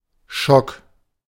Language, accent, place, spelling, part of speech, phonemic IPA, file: German, Germany, Berlin, Schock, noun, /ʃɔk/, De-Schock.ogg
- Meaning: 1. shock (mental or medical condition) 2. three score (a unitless measure indicating sixty of anything) 3. one score; two score (a unitless measure indicating twenty or forty of anything)